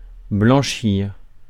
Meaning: 1. to launder, wash 2. to make white; to whiten 3. to grow or become white 4. to blanch or bleach 5. to launder 6. to whitewash (to cover over errors or bad actions)
- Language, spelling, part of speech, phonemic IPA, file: French, blanchir, verb, /blɑ̃.ʃiʁ/, Fr-blanchir.ogg